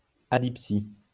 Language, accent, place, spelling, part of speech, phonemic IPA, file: French, France, Lyon, adipsie, noun, /a.dip.si/, LL-Q150 (fra)-adipsie.wav
- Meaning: adipsia